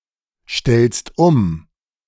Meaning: second-person singular present of umstellen
- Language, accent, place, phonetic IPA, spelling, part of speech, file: German, Germany, Berlin, [ˌʃtɛlst ˈʊm], stellst um, verb, De-stellst um.ogg